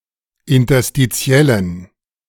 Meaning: inflection of interstitiell: 1. strong genitive masculine/neuter singular 2. weak/mixed genitive/dative all-gender singular 3. strong/weak/mixed accusative masculine singular 4. strong dative plural
- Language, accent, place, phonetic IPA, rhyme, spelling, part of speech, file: German, Germany, Berlin, [ɪntɐstiˈt͡si̯ɛlən], -ɛlən, interstitiellen, adjective, De-interstitiellen.ogg